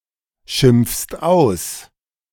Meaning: second-person singular present of ausschimpfen
- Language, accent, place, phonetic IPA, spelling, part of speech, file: German, Germany, Berlin, [ˌʃɪmp͡fst ˈaʊ̯s], schimpfst aus, verb, De-schimpfst aus.ogg